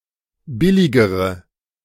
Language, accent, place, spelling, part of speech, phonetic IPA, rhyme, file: German, Germany, Berlin, billigere, adjective, [ˈbɪlɪɡəʁə], -ɪlɪɡəʁə, De-billigere.ogg
- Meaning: inflection of billig: 1. strong/mixed nominative/accusative feminine singular comparative degree 2. strong nominative/accusative plural comparative degree